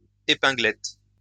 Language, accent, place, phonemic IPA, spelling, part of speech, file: French, France, Lyon, /e.pɛ̃.ɡlɛt/, épinglette, noun, LL-Q150 (fra)-épinglette.wav
- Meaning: pin; tack